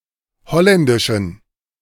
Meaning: inflection of holländisch: 1. strong genitive masculine/neuter singular 2. weak/mixed genitive/dative all-gender singular 3. strong/weak/mixed accusative masculine singular 4. strong dative plural
- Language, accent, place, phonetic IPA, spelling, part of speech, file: German, Germany, Berlin, [ˈhɔlɛndɪʃn̩], holländischen, adjective, De-holländischen.ogg